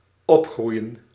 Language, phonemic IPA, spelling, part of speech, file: Dutch, /ˈɔpˌɣrui̯ə(n)/, opgroeien, verb, Nl-opgroeien.ogg
- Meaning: to grow up, to spend childhood